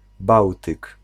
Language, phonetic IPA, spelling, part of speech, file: Polish, [ˈbawtɨk], Bałtyk, proper noun, Pl-Bałtyk.ogg